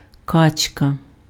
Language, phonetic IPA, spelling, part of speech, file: Ukrainian, [ˈkat͡ʃkɐ], качка, noun, Uk-качка.ogg
- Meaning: duck